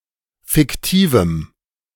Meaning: strong dative masculine/neuter singular of fiktiv
- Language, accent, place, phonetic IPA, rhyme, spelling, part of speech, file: German, Germany, Berlin, [fɪkˈtiːvm̩], -iːvm̩, fiktivem, adjective, De-fiktivem.ogg